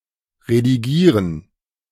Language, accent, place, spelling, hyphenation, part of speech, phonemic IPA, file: German, Germany, Berlin, redigieren, re‧di‧gie‧ren, verb, /rediˈɡiːrən/, De-redigieren.ogg
- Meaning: to edit (change a text or document)